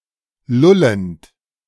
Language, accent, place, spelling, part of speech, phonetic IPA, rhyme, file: German, Germany, Berlin, lullend, verb, [ˈlʊlənt], -ʊlənt, De-lullend.ogg
- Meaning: present participle of lullen